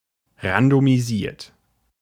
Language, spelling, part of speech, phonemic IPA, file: German, randomisiert, verb / adjective, /ʁandomiˈziːɐ̯t/, De-randomisiert.ogg
- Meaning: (verb) past participle of randomisieren; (adjective) randomized; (verb) inflection of randomisieren: 1. second-person plural present 2. third-person singular present 3. plural imperative